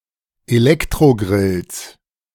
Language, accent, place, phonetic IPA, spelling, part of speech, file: German, Germany, Berlin, [eˈlɛktʁoˌɡʁɪls], Elektrogrills, noun, De-Elektrogrills.ogg
- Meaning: plural of Elektrogrill